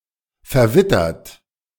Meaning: 1. past participle of verwittern 2. inflection of verwittern: second-person plural present 3. inflection of verwittern: third-person singular present 4. inflection of verwittern: plural imperative
- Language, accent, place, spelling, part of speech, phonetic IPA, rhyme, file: German, Germany, Berlin, verwittert, adjective / verb, [fɛɐ̯ˈvɪtɐt], -ɪtɐt, De-verwittert.ogg